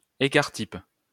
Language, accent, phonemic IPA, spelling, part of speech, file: French, France, /e.kaʁ tip/, écart type, noun, LL-Q150 (fra)-écart type.wav
- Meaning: standard deviation